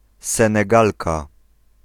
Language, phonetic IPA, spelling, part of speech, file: Polish, [ˌsɛ̃nɛˈɡalka], Senegalka, noun, Pl-Senegalka.ogg